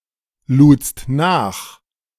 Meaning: second-person singular preterite of nachladen
- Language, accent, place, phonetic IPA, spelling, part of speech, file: German, Germany, Berlin, [ˌluːt͡st ˈnaːx], ludst nach, verb, De-ludst nach.ogg